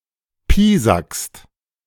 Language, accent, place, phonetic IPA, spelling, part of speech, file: German, Germany, Berlin, [ˈpiːzakst], piesackst, verb, De-piesackst.ogg
- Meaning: second-person singular present of piesacken